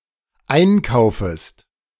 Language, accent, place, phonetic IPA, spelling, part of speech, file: German, Germany, Berlin, [ˈaɪ̯nˌkaʊ̯fəst], einkaufest, verb, De-einkaufest.ogg
- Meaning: second-person singular dependent subjunctive I of einkaufen